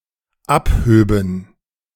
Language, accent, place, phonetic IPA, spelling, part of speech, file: German, Germany, Berlin, [ˈapˌhøːbn̩], abhöben, verb, De-abhöben.ogg
- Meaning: first/third-person plural dependent subjunctive II of abheben